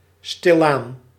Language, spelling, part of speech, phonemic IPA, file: Dutch, stilaan, adverb, /ˈstɪlan/, Nl-stilaan.ogg
- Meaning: slowly, gradually